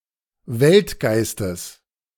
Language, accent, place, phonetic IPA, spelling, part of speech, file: German, Germany, Berlin, [ˈvɛltˌɡaɪ̯stəs], Weltgeistes, noun, De-Weltgeistes.ogg
- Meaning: genitive of Weltgeist